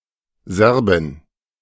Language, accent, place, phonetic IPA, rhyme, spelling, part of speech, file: German, Germany, Berlin, [ˈzɛʁbɪn], -ɛʁbɪn, Serbin, noun, De-Serbin.ogg
- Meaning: female Serb (female person of Serb descent)